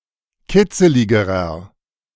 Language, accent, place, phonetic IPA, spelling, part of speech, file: German, Germany, Berlin, [ˈkɪt͡səlɪɡəʁɐ], kitzeligerer, adjective, De-kitzeligerer.ogg
- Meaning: inflection of kitzelig: 1. strong/mixed nominative masculine singular comparative degree 2. strong genitive/dative feminine singular comparative degree 3. strong genitive plural comparative degree